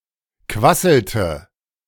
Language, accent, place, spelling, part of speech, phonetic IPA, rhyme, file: German, Germany, Berlin, quasselte, verb, [ˈkvasl̩tə], -asl̩tə, De-quasselte.ogg
- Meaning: inflection of quasseln: 1. first/third-person singular preterite 2. first/third-person singular subjunctive II